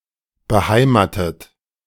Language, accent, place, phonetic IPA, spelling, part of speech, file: German, Germany, Berlin, [bəˈhaɪ̯maːtət], beheimatet, verb, De-beheimatet.ogg
- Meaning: past participle of beheimaten